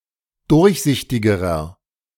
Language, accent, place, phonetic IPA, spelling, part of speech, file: German, Germany, Berlin, [ˈdʊʁçˌzɪçtɪɡəʁɐ], durchsichtigerer, adjective, De-durchsichtigerer.ogg
- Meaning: inflection of durchsichtig: 1. strong/mixed nominative masculine singular comparative degree 2. strong genitive/dative feminine singular comparative degree 3. strong genitive plural comparative degree